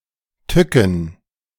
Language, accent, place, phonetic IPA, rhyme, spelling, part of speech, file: German, Germany, Berlin, [ˈtʏkn̩], -ʏkn̩, Tücken, noun, De-Tücken.ogg
- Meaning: plural of Tücke